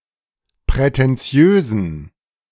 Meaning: inflection of prätentiös: 1. strong genitive masculine/neuter singular 2. weak/mixed genitive/dative all-gender singular 3. strong/weak/mixed accusative masculine singular 4. strong dative plural
- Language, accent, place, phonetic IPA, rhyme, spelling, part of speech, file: German, Germany, Berlin, [pʁɛtɛnˈt͡si̯øːzn̩], -øːzn̩, prätentiösen, adjective, De-prätentiösen.ogg